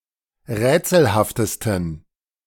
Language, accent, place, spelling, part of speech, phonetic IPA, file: German, Germany, Berlin, rätselhaftesten, adjective, [ˈʁɛːt͡sl̩haftəstn̩], De-rätselhaftesten.ogg
- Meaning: 1. superlative degree of rätselhaft 2. inflection of rätselhaft: strong genitive masculine/neuter singular superlative degree